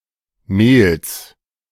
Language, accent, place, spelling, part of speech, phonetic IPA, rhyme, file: German, Germany, Berlin, Mehls, noun, [meːls], -eːls, De-Mehls.ogg
- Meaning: genitive singular of Mehl